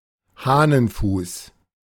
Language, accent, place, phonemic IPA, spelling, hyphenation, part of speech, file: German, Germany, Berlin, /ˈhaːnənˌfuːs/, Hahnenfuß, Hah‧nen‧fuß, noun, De-Hahnenfuß.ogg
- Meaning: buttercup (a herb of the genus Ranunculus)